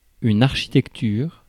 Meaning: architecture
- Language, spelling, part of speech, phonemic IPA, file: French, architecture, noun, /aʁ.ʃi.tɛk.tyʁ/, Fr-architecture.ogg